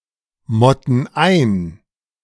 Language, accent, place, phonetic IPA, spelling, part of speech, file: German, Germany, Berlin, [ˌmɔtn̩ ˈaɪ̯n], motten ein, verb, De-motten ein.ogg
- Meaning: inflection of einmotten: 1. first/third-person plural present 2. first/third-person plural subjunctive I